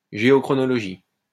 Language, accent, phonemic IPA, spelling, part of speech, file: French, France, /ʒe.ɔ.kʁɔ.nɔ.lɔ.ʒi/, géochronologie, noun, LL-Q150 (fra)-géochronologie.wav
- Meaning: geochronology